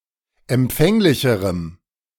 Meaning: strong dative masculine/neuter singular comparative degree of empfänglich
- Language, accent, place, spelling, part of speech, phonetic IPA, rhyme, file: German, Germany, Berlin, empfänglicherem, adjective, [ɛmˈp͡fɛŋlɪçəʁəm], -ɛŋlɪçəʁəm, De-empfänglicherem.ogg